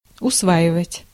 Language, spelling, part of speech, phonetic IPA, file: Russian, усваивать, verb, [ʊsˈvaɪvətʲ], Ru-усваивать.ogg
- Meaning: 1. to master, to learn 2. to adopt (a habit, a custom) 3. to digest, to assimilate